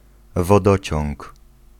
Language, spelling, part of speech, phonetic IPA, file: Polish, wodociąg, noun, [vɔˈdɔt͡ɕɔ̃ŋk], Pl-wodociąg.ogg